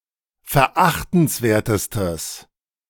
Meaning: strong/mixed nominative/accusative neuter singular superlative degree of verachtenswert
- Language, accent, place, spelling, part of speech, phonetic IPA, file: German, Germany, Berlin, verachtenswertestes, adjective, [fɛɐ̯ˈʔaxtn̩sˌveːɐ̯təstəs], De-verachtenswertestes.ogg